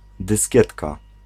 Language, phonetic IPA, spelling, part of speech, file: Polish, [dɨsʲˈcɛtka], dyskietka, noun, Pl-dyskietka.ogg